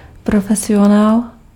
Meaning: professional (a person who earns his living from a specified activity)
- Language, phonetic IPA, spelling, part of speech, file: Czech, [ˈprofɛsɪjonaːl], profesionál, noun, Cs-profesionál.ogg